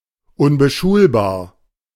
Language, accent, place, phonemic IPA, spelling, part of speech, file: German, Germany, Berlin, /ʊnbəˈʃuːlbaːɐ̯/, unbeschulbar, adjective, De-unbeschulbar.ogg
- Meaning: unable to be schooled, trained; unable to be successfully integrated into the school system (typically due to behavior or disability)